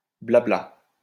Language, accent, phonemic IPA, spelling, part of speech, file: French, France, /bla.bla/, blabla, noun, LL-Q150 (fra)-blabla.wav
- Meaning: post-1990 spelling of bla-bla